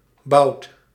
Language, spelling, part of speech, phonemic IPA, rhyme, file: Dutch, bouwt, verb, /bɑu̯t/, -ɑu̯t, Nl-bouwt.ogg
- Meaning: inflection of bouwen: 1. second/third-person singular present indicative 2. plural imperative